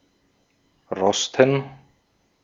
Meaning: to rust
- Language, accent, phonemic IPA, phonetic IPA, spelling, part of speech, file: German, Austria, /ˈʁɔstən/, [ˈʁɔstn̩], rosten, verb, De-at-rosten.ogg